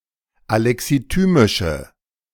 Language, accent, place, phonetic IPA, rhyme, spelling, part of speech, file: German, Germany, Berlin, [alɛksiˈtyːmɪʃə], -yːmɪʃə, alexithymische, adjective, De-alexithymische.ogg
- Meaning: inflection of alexithymisch: 1. strong/mixed nominative/accusative feminine singular 2. strong nominative/accusative plural 3. weak nominative all-gender singular